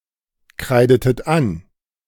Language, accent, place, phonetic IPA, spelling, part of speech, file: German, Germany, Berlin, [ˌkʁaɪ̯dətət ˈan], kreidetet an, verb, De-kreidetet an.ogg
- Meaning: inflection of ankreiden: 1. second-person plural preterite 2. second-person plural subjunctive II